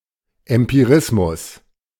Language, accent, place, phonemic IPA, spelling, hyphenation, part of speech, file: German, Germany, Berlin, /ɛmpiˈʁɪsmʊs/, Empirismus, Em‧pi‧ris‧mus, noun, De-Empirismus.ogg
- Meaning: empiricism